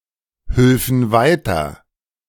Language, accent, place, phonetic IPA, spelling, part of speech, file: German, Germany, Berlin, [ˌhʏlfn̩ ˈvaɪ̯tɐ], hülfen weiter, verb, De-hülfen weiter.ogg
- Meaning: first-person plural subjunctive II of weiterhelfen